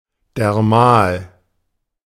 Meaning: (adjective) dermal; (adverb) alternative form of dermalen
- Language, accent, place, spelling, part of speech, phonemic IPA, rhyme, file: German, Germany, Berlin, dermal, adjective / adverb, /dɛʁˈmaːl/, -aːl, De-dermal.ogg